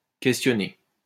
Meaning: 1. to question, interrogate 2. to call into question 3. to question, ask (someone) 4. to inquire, ask (about)
- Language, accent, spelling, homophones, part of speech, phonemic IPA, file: French, France, questionner, questionné / questionnées / questionnés, verb, /kɛs.tjɔ.ne/, LL-Q150 (fra)-questionner.wav